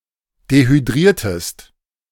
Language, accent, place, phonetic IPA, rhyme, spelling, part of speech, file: German, Germany, Berlin, [dehyˈdʁiːɐ̯təst], -iːɐ̯təst, dehydriertest, verb, De-dehydriertest.ogg
- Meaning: inflection of dehydrieren: 1. second-person singular preterite 2. second-person singular subjunctive II